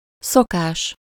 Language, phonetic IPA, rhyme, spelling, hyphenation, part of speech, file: Hungarian, [ˈsokaːʃ], -aːʃ, szokás, szo‧kás, noun, Hu-szokás.ogg
- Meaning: 1. custom 2. habit